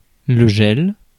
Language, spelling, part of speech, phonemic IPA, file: French, gel, noun, /ʒɛl/, Fr-gel.ogg
- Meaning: 1. frost 2. gel (suspension of solid in liquid) 3. gel (cosmetic preparation) 4. fall freeze 5. fall freeze: freeze-up, one of the 6 seasons of high latitudes; the freeze